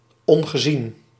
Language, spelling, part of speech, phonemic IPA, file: Dutch, ongezien, adjective, /ˌɔŋɣəˈzin/, Nl-ongezien.ogg
- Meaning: unseen